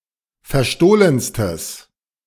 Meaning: strong/mixed nominative/accusative neuter singular superlative degree of verstohlen
- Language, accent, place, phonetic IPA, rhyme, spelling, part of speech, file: German, Germany, Berlin, [fɛɐ̯ˈʃtoːlənstəs], -oːlənstəs, verstohlenstes, adjective, De-verstohlenstes.ogg